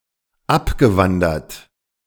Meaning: past participle of abwandern
- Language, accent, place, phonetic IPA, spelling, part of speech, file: German, Germany, Berlin, [ˈapɡəˌvandɐt], abgewandert, verb, De-abgewandert.ogg